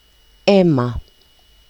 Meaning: blood
- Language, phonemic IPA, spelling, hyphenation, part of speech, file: Greek, /ˈe.ma/, αίμα, αί‧μα, noun, El-gr-αίμα.ogg